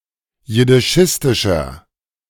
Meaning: inflection of jiddischistisch: 1. strong/mixed nominative masculine singular 2. strong genitive/dative feminine singular 3. strong genitive plural
- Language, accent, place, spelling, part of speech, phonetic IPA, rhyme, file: German, Germany, Berlin, jiddischistischer, adjective, [jɪdɪˈʃɪstɪʃɐ], -ɪstɪʃɐ, De-jiddischistischer.ogg